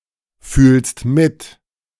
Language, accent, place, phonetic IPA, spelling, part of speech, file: German, Germany, Berlin, [ˌfyːlst ˈmɪt], fühlst mit, verb, De-fühlst mit.ogg
- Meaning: second-person singular present of mitfühlen